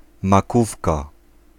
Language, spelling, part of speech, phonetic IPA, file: Polish, makówka, noun, [maˈkufka], Pl-makówka.ogg